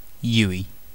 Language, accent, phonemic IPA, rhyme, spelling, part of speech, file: English, UK, /ˈjuː.i/, -uːi, uey, noun, En-uk-uey.ogg
- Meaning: Synonym of U-turn